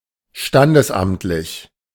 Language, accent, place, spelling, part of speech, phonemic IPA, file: German, Germany, Berlin, standesamtlich, adjective, /ˈʃtandəsˌʔamtlɪç/, De-standesamtlich.ogg
- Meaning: civil